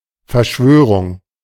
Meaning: conspiracy
- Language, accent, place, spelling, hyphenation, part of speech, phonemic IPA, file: German, Germany, Berlin, Verschwörung, Ver‧schwö‧rung, noun, /fɛɐ̯ˈʃvøː.ʁʊŋ/, De-Verschwörung.ogg